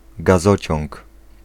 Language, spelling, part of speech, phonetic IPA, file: Polish, gazociąg, noun, [ɡaˈzɔt͡ɕɔ̃ŋk], Pl-gazociąg.ogg